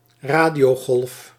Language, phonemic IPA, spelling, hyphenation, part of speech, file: Dutch, /ˈraː.di.oːˌɣɔlf/, radiogolf, ra‧dio‧golf, noun, Nl-radiogolf.ogg
- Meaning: radio wave